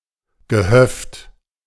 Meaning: farm, farmstead, of any size, but especially a small one
- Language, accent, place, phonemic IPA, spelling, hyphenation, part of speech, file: German, Germany, Berlin, /ɡəˈhœft/, Gehöft, Ge‧höft, noun, De-Gehöft.ogg